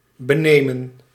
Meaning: 1. to take away; snatch 2. to purloin, to rob, to steal, to filch, to swipe
- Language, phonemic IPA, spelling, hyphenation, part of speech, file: Dutch, /bəˈneːmə(n)/, benemen, be‧ne‧men, verb, Nl-benemen.ogg